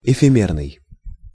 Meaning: 1. ephemeral, transitory 2. illusory, phantom
- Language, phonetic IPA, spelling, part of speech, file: Russian, [ɪfʲɪˈmʲernɨj], эфемерный, adjective, Ru-эфемерный.ogg